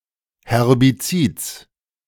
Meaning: genitive singular of Herbizid
- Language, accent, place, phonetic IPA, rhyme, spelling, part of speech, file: German, Germany, Berlin, [hɛʁbiˈt͡siːt͡s], -iːt͡s, Herbizids, noun, De-Herbizids.ogg